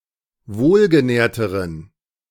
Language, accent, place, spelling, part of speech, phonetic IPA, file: German, Germany, Berlin, wohlgenährteren, adjective, [ˈvoːlɡəˌnɛːɐ̯təʁən], De-wohlgenährteren.ogg
- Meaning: inflection of wohlgenährt: 1. strong genitive masculine/neuter singular comparative degree 2. weak/mixed genitive/dative all-gender singular comparative degree